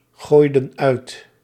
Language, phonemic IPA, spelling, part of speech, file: Dutch, /ˈɣojdə(n) ˈœyt/, gooiden uit, verb, Nl-gooiden uit.ogg
- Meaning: inflection of uitgooien: 1. plural past indicative 2. plural past subjunctive